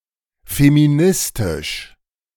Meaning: feminist
- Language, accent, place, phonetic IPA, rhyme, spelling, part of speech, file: German, Germany, Berlin, [femiˈnɪstɪʃ], -ɪstɪʃ, feministisch, adjective, De-feministisch.ogg